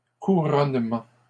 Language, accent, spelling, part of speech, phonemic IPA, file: French, Canada, couronnement, noun, /ku.ʁɔn.mɑ̃/, LL-Q150 (fra)-couronnement.wav
- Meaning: 1. a coronation, crowning ceremony 2. any similar investiture, triumph etc 3. a crest, something physically in prominent top-position 4. a culmination